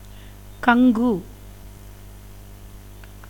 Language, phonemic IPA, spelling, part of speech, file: Tamil, /kɐŋɡɯ/, கங்கு, noun, Ta-கங்கு.ogg
- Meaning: ember